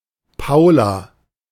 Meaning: a female given name
- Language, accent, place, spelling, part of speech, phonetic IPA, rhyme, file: German, Germany, Berlin, Paula, proper noun, [ˈpaʊ̯la], -aʊ̯la, De-Paula.ogg